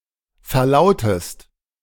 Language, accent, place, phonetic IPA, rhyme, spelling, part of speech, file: German, Germany, Berlin, [fɛɐ̯ˈlaʊ̯təst], -aʊ̯təst, verlautest, verb, De-verlautest.ogg
- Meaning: inflection of verlauten: 1. second-person singular present 2. second-person singular subjunctive I